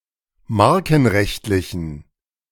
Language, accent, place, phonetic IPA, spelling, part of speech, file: German, Germany, Berlin, [ˈmaʁkn̩ˌʁɛçtlɪçn̩], markenrechtlichen, adjective, De-markenrechtlichen.ogg
- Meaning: inflection of markenrechtlich: 1. strong genitive masculine/neuter singular 2. weak/mixed genitive/dative all-gender singular 3. strong/weak/mixed accusative masculine singular 4. strong dative plural